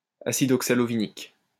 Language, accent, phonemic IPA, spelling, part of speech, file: French, France, /a.sid ɔk.sa.lɔ.vi.nik/, acide oxalovinique, noun, LL-Q150 (fra)-acide oxalovinique.wav
- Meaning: oxalovinic acid